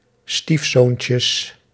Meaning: plural of stiefzoontje
- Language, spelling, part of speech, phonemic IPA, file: Dutch, stiefzoontjes, noun, /ˈstifsoncəs/, Nl-stiefzoontjes.ogg